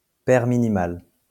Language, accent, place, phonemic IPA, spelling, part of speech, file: French, France, Lyon, /pɛʁ mi.ni.mal/, paire minimale, noun, LL-Q150 (fra)-paire minimale.wav
- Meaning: minimal pair (pair of words)